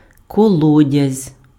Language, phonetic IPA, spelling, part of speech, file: Ukrainian, [kɔˈɫɔdʲɐzʲ], колодязь, noun, Uk-колодязь.ogg
- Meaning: well (hole sunk in the ground and used as a source of water)